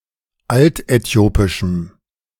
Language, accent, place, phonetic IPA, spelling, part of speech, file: German, Germany, Berlin, [ˈaltʔɛˌti̯oːpɪʃm̩], altäthiopischem, adjective, De-altäthiopischem.ogg
- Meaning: strong dative masculine/neuter singular of altäthiopisch